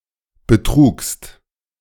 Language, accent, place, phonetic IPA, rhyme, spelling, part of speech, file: German, Germany, Berlin, [bəˈtʁuːkst], -uːkst, betrugst, verb, De-betrugst.ogg
- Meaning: second-person singular preterite of betragen